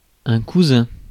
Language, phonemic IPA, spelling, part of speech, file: French, /ku.zɛ̃/, cousin, noun, Fr-cousin.ogg
- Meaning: 1. cousin (male) 2. cranefly 3. mosquito 4. people who stick to others without mutual benefit: parasites, bloodsuckers